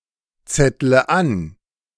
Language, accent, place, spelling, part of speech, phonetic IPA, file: German, Germany, Berlin, zettle an, verb, [ˌt͡sɛtlə ˈan], De-zettle an.ogg
- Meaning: inflection of anzetteln: 1. first-person singular present 2. first/third-person singular subjunctive I 3. singular imperative